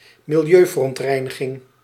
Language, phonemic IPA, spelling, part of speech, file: Dutch, /mɪlˈjøvərɔntˌrɛinəˌɣɪŋ/, milieuverontreiniging, noun, Nl-milieuverontreiniging.ogg
- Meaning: environmental pollution